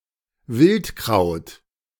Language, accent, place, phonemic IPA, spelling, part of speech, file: German, Germany, Berlin, /ˈvɪltˌkʁaʊ̯t/, Wildkraut, noun, De-Wildkraut.ogg
- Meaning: wild herb